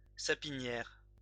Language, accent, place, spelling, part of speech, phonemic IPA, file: French, France, Lyon, sapinière, noun, /sa.pi.njɛʁ/, LL-Q150 (fra)-sapinière.wav
- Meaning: fir plantation